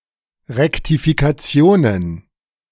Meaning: plural of Rektifikation
- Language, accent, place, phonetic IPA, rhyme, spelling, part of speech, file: German, Germany, Berlin, [ʁɛktifikaˈt͡si̯oːnən], -oːnən, Rektifikationen, noun, De-Rektifikationen.ogg